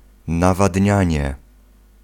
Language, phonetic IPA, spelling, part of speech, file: Polish, [ˌnavadʲˈɲä̃ɲɛ], nawadnianie, noun, Pl-nawadnianie.ogg